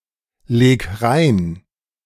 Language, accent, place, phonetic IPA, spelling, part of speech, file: German, Germany, Berlin, [ˌleːk ˈʁaɪ̯n], leg rein, verb, De-leg rein.ogg
- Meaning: 1. singular imperative of reinlegen 2. first-person singular present of reinlegen